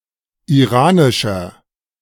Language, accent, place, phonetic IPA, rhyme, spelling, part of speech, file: German, Germany, Berlin, [iˈʁaːnɪʃɐ], -aːnɪʃɐ, iranischer, adjective, De-iranischer.ogg
- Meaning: inflection of iranisch: 1. strong/mixed nominative masculine singular 2. strong genitive/dative feminine singular 3. strong genitive plural